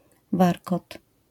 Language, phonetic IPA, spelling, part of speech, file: Polish, [ˈvarkɔt], warkot, noun, LL-Q809 (pol)-warkot.wav